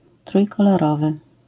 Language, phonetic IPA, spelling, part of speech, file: Polish, [ˌtrujkɔlɔˈrɔvɨ], trójkolorowy, adjective, LL-Q809 (pol)-trójkolorowy.wav